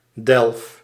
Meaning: inflection of delven: 1. first-person singular present indicative 2. second-person singular present indicative 3. imperative
- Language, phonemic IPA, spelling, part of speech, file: Dutch, /ˈdɛlᵊf/, delf, noun / verb, Nl-delf.ogg